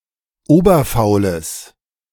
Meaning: strong/mixed nominative/accusative neuter singular of oberfaul
- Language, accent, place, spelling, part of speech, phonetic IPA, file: German, Germany, Berlin, oberfaules, adjective, [ˈoːbɐfaʊ̯ləs], De-oberfaules.ogg